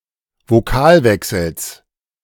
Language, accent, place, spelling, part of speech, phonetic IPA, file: German, Germany, Berlin, Vokalwechsels, noun, [voˈkaːlˌvɛksl̩s], De-Vokalwechsels.ogg
- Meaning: genitive singular of Vokalwechsel